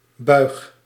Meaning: inflection of buigen: 1. first-person singular present indicative 2. second-person singular present indicative 3. imperative
- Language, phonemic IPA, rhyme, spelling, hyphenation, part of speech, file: Dutch, /bœy̯x/, -œy̯x, buig, buig, verb, Nl-buig.ogg